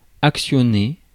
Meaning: to work (to set into action), actuate, action
- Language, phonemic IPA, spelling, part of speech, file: French, /ak.sjɔ.ne/, actionner, verb, Fr-actionner.ogg